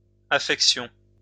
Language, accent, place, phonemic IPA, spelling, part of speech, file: French, France, Lyon, /a.fɛk.sjɔ̃/, affections, noun, LL-Q150 (fra)-affections.wav
- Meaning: plural of affection